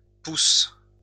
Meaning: plural of pouce
- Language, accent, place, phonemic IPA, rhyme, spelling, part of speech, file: French, France, Lyon, /pus/, -us, pouces, noun, LL-Q150 (fra)-pouces.wav